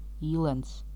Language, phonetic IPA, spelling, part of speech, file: Latvian, [īːlæns], īlens, noun, Lv-īlens.ogg
- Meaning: awl (pointed instrument for piercing small holes)